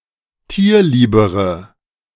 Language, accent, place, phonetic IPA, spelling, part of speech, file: German, Germany, Berlin, [ˈtiːɐ̯ˌliːbəʁə], tierliebere, adjective, De-tierliebere.ogg
- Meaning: inflection of tierlieb: 1. strong/mixed nominative/accusative feminine singular comparative degree 2. strong nominative/accusative plural comparative degree